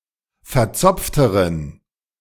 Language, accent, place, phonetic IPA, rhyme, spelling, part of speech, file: German, Germany, Berlin, [fɛɐ̯ˈt͡sɔp͡ftəʁən], -ɔp͡ftəʁən, verzopfteren, adjective, De-verzopfteren.ogg
- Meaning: inflection of verzopft: 1. strong genitive masculine/neuter singular comparative degree 2. weak/mixed genitive/dative all-gender singular comparative degree